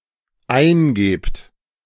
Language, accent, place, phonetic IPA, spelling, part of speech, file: German, Germany, Berlin, [ˈaɪ̯nˌɡeːpt], eingebt, verb, De-eingebt.ogg
- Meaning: second-person plural dependent present of eingeben